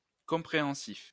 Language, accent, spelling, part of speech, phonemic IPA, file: French, France, compréhensif, adjective, /kɔ̃.pʁe.ɑ̃.sif/, LL-Q150 (fra)-compréhensif.wav
- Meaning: 1. Emotionally understanding; compassionate 2. Encompassing a certain number of elements or characteristics 3. Encompassing many elements; having many characteristics